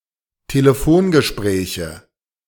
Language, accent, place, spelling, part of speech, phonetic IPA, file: German, Germany, Berlin, Telefongespräche, noun, [teləˈfoːnɡəˌʃpʁɛːçə], De-Telefongespräche.ogg
- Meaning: nominative/accusative/genitive plural of Telefongespräch